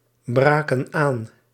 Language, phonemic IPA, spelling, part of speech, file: Dutch, /ˌbraːkən ˈaːn/, braken aan, verb, Nl-braken aan.ogg
- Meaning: inflection of aanbreken: 1. plural past indicative 2. plural past subjunctive